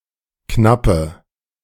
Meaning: inflection of knapp: 1. strong/mixed nominative/accusative feminine singular 2. strong nominative/accusative plural 3. weak nominative all-gender singular 4. weak accusative feminine/neuter singular
- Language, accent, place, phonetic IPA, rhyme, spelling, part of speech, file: German, Germany, Berlin, [ˈknapə], -apə, knappe, adjective, De-knappe.ogg